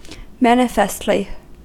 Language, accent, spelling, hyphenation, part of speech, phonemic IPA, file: English, US, manifestly, man‧i‧fest‧ly, adverb, /ˈmæn.ɪ.fɛst.li/, En-us-manifestly.ogg
- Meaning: In a manifest manner; obviously